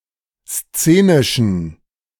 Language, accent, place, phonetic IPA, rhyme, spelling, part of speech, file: German, Germany, Berlin, [ˈst͡seːnɪʃn̩], -eːnɪʃn̩, szenischen, adjective, De-szenischen.ogg
- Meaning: inflection of szenisch: 1. strong genitive masculine/neuter singular 2. weak/mixed genitive/dative all-gender singular 3. strong/weak/mixed accusative masculine singular 4. strong dative plural